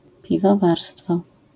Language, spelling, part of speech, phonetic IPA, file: Polish, piwowarstwo, noun, [ˌpʲivɔˈvarstfɔ], LL-Q809 (pol)-piwowarstwo.wav